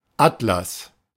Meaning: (noun) 1. atlas (bound collection of maps) 2. atlas (bound collection of tables, illustrations on any subject) 3. atlas (figure of a man used as a column) 4. atlas (uppermost vertebra of the neck)
- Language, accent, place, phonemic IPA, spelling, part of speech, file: German, Germany, Berlin, /ˈatlas/, Atlas, noun / proper noun, De-Atlas.ogg